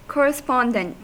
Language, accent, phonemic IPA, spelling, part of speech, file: English, US, /ˌkɔɹ.ɪˈspɑn.dənt/, correspondent, adjective / noun, En-us-correspondent.ogg
- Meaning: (adjective) 1. Corresponding; suitable; adapted; congruous 2. Conforming; obedient; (noun) Something which corresponds with something else; counterpart